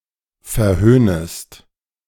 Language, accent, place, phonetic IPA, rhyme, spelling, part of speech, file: German, Germany, Berlin, [fɛɐ̯ˈhøːnəst], -øːnəst, verhöhnest, verb, De-verhöhnest.ogg
- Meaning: second-person singular subjunctive I of verhöhnen